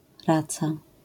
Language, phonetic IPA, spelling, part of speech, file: Polish, [ˈrat͡sa], raca, noun, LL-Q809 (pol)-raca.wav